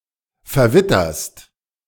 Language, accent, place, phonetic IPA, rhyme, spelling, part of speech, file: German, Germany, Berlin, [fɛɐ̯ˈvɪtɐst], -ɪtɐst, verwitterst, verb, De-verwitterst.ogg
- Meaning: second-person singular present of verwittern